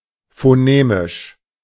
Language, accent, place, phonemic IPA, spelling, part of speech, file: German, Germany, Berlin, /foˈneːmɪʃ/, phonemisch, adjective, De-phonemisch.ogg
- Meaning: phonemic